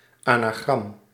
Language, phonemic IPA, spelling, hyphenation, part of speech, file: Dutch, /ˌaː.naːˈɣrɑm/, anagram, ana‧gram, noun, Nl-anagram.ogg
- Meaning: anagram